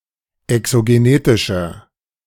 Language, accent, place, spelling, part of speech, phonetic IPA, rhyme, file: German, Germany, Berlin, exogenetischer, adjective, [ɛksoɡeˈneːtɪʃɐ], -eːtɪʃɐ, De-exogenetischer.ogg
- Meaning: inflection of exogenetisch: 1. strong/mixed nominative masculine singular 2. strong genitive/dative feminine singular 3. strong genitive plural